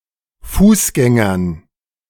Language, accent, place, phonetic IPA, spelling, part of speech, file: German, Germany, Berlin, [ˈfuːsˌɡɛŋɐn], Fußgängern, noun, De-Fußgängern.ogg
- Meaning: dative plural of Fußgänger